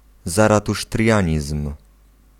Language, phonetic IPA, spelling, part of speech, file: Polish, [ˌzaratuʃtrʲˈjä̃ɲism̥], zaratusztrianizm, noun, Pl-zaratusztrianizm.ogg